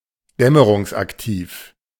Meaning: active at twilight, crepuscular, twilight-active
- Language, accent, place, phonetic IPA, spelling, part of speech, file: German, Germany, Berlin, [ˈdɛməʁʊŋsʔakˌtiːf], dämmerungsaktiv, adjective, De-dämmerungsaktiv.ogg